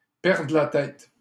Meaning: to lose one's head, to take leave of one's senses, to lose one's mind
- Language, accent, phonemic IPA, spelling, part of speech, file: French, Canada, /pɛʁ.dʁə la tɛt/, perdre la tête, verb, LL-Q150 (fra)-perdre la tête.wav